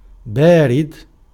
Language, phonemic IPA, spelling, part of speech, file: Arabic, /baː.rid/, بارد, adjective, Ar-بارد.ogg
- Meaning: 1. cold, cooling 2. dull, slow 3. poor (wit, poetry) 4. incontestable (right) 5. safely placed (money)